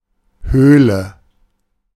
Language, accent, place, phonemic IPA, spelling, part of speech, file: German, Germany, Berlin, /ˈhøːlə/, Höhle, noun, De-Höhle.ogg
- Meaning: 1. cave 2. cavity (of the body)